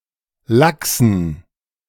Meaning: inflection of lax: 1. strong genitive masculine/neuter singular 2. weak/mixed genitive/dative all-gender singular 3. strong/weak/mixed accusative masculine singular 4. strong dative plural
- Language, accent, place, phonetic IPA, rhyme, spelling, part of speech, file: German, Germany, Berlin, [ˈlaksn̩], -aksn̩, laxen, adjective, De-laxen.ogg